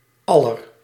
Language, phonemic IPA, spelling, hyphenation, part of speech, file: Dutch, /ˈɑ.lər/, aller, al‧ler, determiner, Nl-aller.ogg
- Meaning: of all; (archaic) genitive plural of al